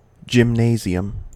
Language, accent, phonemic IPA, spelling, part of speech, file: English, US, /d͡ʒɪmˈneɪ.zi.əm/, gymnasium, noun, En-us-gymnasium.ogg
- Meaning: 1. A large room or building for indoor sports 2. A type of secondary school in some European countries which typically prepares students for university